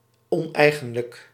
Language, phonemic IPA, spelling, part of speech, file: Dutch, /ˈɔnɛiɣə(n)lək/, oneigenlijk, adjective, Nl-oneigenlijk.ogg
- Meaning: 1. figurative 2. improper